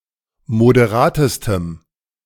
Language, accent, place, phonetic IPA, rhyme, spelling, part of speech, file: German, Germany, Berlin, [modeˈʁaːtəstəm], -aːtəstəm, moderatestem, adjective, De-moderatestem.ogg
- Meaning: strong dative masculine/neuter singular superlative degree of moderat